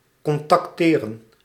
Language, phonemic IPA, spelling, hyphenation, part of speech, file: Dutch, /kɔntɑkˈteːrə(n)/, contacteren, con‧tac‧te‧ren, verb, Nl-contacteren.ogg
- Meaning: to contact